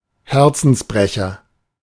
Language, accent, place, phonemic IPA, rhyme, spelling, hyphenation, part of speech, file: German, Germany, Berlin, /ˈhɛʁt͡sn̩sˌbʁɛçɐ/, -ɛçɐ, Herzensbrecher, Her‧zens‧bre‧cher, noun, De-Herzensbrecher.ogg
- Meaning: womanizer